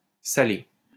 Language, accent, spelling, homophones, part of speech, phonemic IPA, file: French, France, salé, Salé, adjective / noun / verb, /sa.le/, LL-Q150 (fra)-salé.wav
- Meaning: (adjective) 1. salted; salty; saline 2. savory; not sweet 3. costly (invoice) 4. spicy, colourful (comment); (noun) salted pork meat; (verb) past participle of saler